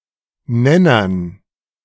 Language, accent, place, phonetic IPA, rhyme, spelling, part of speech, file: German, Germany, Berlin, [ˈnɛnɐn], -ɛnɐn, Nennern, noun, De-Nennern.ogg
- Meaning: dative plural of Nenner